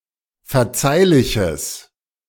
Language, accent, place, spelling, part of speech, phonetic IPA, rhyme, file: German, Germany, Berlin, verzeihliches, adjective, [fɛɐ̯ˈt͡saɪ̯lɪçəs], -aɪ̯lɪçəs, De-verzeihliches.ogg
- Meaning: strong/mixed nominative/accusative neuter singular of verzeihlich